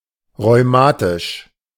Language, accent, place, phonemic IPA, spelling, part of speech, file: German, Germany, Berlin, /ʁɔʏ̯ˈmaːtɪʃ/, rheumatisch, adjective, De-rheumatisch.ogg
- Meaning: rheumatic